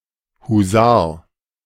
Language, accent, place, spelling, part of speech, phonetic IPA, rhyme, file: German, Germany, Berlin, Husar, noun, [huˈzaːɐ̯], -aːɐ̯, De-Husar.ogg
- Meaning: hussar